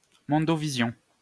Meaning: telecast (worldwide, by satellite)
- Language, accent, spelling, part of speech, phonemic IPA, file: French, France, mondovision, noun, /mɔ̃.dɔ.vi.zjɔ̃/, LL-Q150 (fra)-mondovision.wav